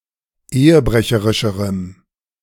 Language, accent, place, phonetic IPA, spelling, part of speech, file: German, Germany, Berlin, [ˈeːəˌbʁɛçəʁɪʃəʁəm], ehebrecherischerem, adjective, De-ehebrecherischerem.ogg
- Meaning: strong dative masculine/neuter singular comparative degree of ehebrecherisch